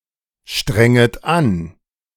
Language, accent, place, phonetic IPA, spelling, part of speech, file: German, Germany, Berlin, [ˌʃtʁɛŋət ˈan], strenget an, verb, De-strenget an.ogg
- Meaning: second-person plural subjunctive I of anstrengen